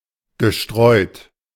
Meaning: past participle of streuen
- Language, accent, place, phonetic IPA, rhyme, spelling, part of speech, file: German, Germany, Berlin, [ɡəˈʃtʁɔɪ̯t], -ɔɪ̯t, gestreut, verb, De-gestreut.ogg